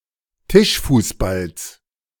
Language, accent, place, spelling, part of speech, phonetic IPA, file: German, Germany, Berlin, Tischfußballs, noun, [ˈtɪʃfuːsˌbals], De-Tischfußballs.ogg
- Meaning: genitive singular of Tischfußball